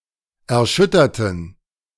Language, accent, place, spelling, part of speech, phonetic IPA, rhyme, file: German, Germany, Berlin, erschütterten, adjective / verb, [ɛɐ̯ˈʃʏtɐtn̩], -ʏtɐtn̩, De-erschütterten.ogg
- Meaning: inflection of erschüttern: 1. first/third-person plural preterite 2. first/third-person plural subjunctive II